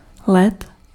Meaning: 1. ice 2. abbreviation of leden or ledna (“January”)
- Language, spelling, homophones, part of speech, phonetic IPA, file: Czech, led, let, noun, [ˈlɛt], Cs-led.ogg